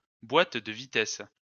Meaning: gearbox
- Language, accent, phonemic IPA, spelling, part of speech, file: French, France, /bwat də vi.tɛs/, boîte de vitesses, noun, LL-Q150 (fra)-boîte de vitesses.wav